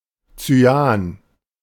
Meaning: 1. cyan (colour) 2. cyanogen
- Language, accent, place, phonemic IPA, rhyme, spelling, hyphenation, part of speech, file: German, Germany, Berlin, /t͡syˈaːn/, -aːn, Cyan, Cy‧an, noun, De-Cyan.ogg